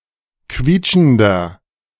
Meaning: 1. comparative degree of quietschend 2. inflection of quietschend: strong/mixed nominative masculine singular 3. inflection of quietschend: strong genitive/dative feminine singular
- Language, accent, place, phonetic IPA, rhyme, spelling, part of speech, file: German, Germany, Berlin, [ˈkviːt͡ʃn̩dɐ], -iːt͡ʃn̩dɐ, quietschender, adjective, De-quietschender.ogg